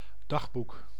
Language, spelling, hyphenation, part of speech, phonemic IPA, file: Dutch, dagboek, dag‧boek, noun, /ˈdɑxˌbuk/, Nl-dagboek.ogg
- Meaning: diary